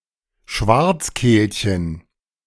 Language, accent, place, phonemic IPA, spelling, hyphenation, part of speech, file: German, Germany, Berlin, /ˈʃvartsˌkeːlçən/, Schwarzkehlchen, Schwarz‧kehl‧chen, noun, De-Schwarzkehlchen.ogg
- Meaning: the European stonechat (a bird in the flycatcher family, Saxicola rubicola)